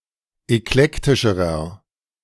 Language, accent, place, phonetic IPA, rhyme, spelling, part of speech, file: German, Germany, Berlin, [ɛkˈlɛktɪʃəʁɐ], -ɛktɪʃəʁɐ, eklektischerer, adjective, De-eklektischerer.ogg
- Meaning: inflection of eklektisch: 1. strong/mixed nominative masculine singular comparative degree 2. strong genitive/dative feminine singular comparative degree 3. strong genitive plural comparative degree